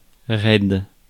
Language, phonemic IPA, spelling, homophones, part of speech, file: French, /ʁɛd/, raide, raid / raides / raids, adjective, Fr-raide.ogg
- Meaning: 1. stiff, straight 2. steep, abrupt 3. stubborn 4. rough 5. broke 6. pissed, hammered; high, stoned